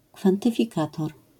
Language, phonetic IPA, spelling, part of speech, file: Polish, [ˌkfãntɨfʲiˈkatɔr], kwantyfikator, noun, LL-Q809 (pol)-kwantyfikator.wav